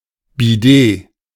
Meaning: bidet
- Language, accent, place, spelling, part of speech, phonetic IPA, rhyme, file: German, Germany, Berlin, Bidet, noun, [biˈdeː], -eː, De-Bidet.ogg